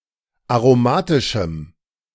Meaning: strong dative masculine/neuter singular of aromatisch
- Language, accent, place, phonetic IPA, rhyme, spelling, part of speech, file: German, Germany, Berlin, [aʁoˈmaːtɪʃm̩], -aːtɪʃm̩, aromatischem, adjective, De-aromatischem.ogg